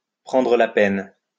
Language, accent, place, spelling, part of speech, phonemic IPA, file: French, France, Lyon, prendre la peine, verb, /pʁɑ̃.dʁə la pɛn/, LL-Q150 (fra)-prendre la peine.wav
- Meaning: to go to the trouble (of), to take the trouble, to bother, to take the time